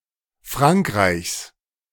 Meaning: genitive singular of Frankreich
- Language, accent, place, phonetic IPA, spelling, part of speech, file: German, Germany, Berlin, [ˈfʁaŋkʁaɪ̯çs], Frankreichs, noun, De-Frankreichs.ogg